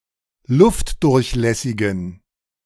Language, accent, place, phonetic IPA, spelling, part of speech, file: German, Germany, Berlin, [ˈlʊftdʊʁçˌlɛsɪɡn̩], luftdurchlässigen, adjective, De-luftdurchlässigen.ogg
- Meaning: inflection of luftdurchlässig: 1. strong genitive masculine/neuter singular 2. weak/mixed genitive/dative all-gender singular 3. strong/weak/mixed accusative masculine singular 4. strong dative plural